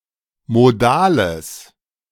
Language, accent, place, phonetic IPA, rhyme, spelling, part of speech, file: German, Germany, Berlin, [moˈdaːləs], -aːləs, modales, adjective, De-modales.ogg
- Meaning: strong/mixed nominative/accusative neuter singular of modal